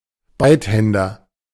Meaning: ambidextrous person
- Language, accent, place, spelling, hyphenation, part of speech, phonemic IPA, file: German, Germany, Berlin, Beidhänder, Beid‧hän‧der, noun, /ˈbaɪ̯tˌhɛndɐ/, De-Beidhänder.ogg